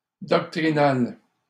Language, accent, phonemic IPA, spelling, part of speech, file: French, Canada, /dɔk.tʁi.nal/, doctrinal, adjective, LL-Q150 (fra)-doctrinal.wav
- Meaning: doctrinal